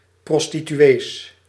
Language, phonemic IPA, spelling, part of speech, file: Dutch, /ˌprɔstityˈwes/, prostituees, noun, Nl-prostituees.ogg
- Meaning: plural of prostituee